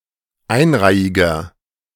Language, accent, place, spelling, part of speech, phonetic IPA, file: German, Germany, Berlin, einreihiger, adjective, [ˈaɪ̯nˌʁaɪ̯ɪɡɐ], De-einreihiger.ogg
- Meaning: inflection of einreihig: 1. strong/mixed nominative masculine singular 2. strong genitive/dative feminine singular 3. strong genitive plural